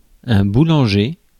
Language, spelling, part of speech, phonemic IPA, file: French, boulanger, noun / verb, /bu.lɑ̃.ʒe/, Fr-boulanger.ogg
- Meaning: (noun) baker (who bakes bread; contrast pâtissier); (verb) To prepare and bake bread